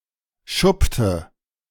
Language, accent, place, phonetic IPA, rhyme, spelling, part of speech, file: German, Germany, Berlin, [ˈʃʊptə], -ʊptə, schuppte, verb, De-schuppte.ogg
- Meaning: inflection of schuppen: 1. first/third-person singular preterite 2. first/third-person singular subjunctive II